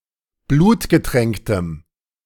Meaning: strong dative masculine/neuter singular of blutgetränkt
- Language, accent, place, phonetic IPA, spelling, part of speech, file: German, Germany, Berlin, [ˈbluːtɡəˌtʁɛŋktəm], blutgetränktem, adjective, De-blutgetränktem.ogg